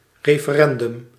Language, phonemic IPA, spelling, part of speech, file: Dutch, /ˌreːfəˈrɛndʏm/, referendum, noun, Nl-referendum.ogg
- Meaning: referendum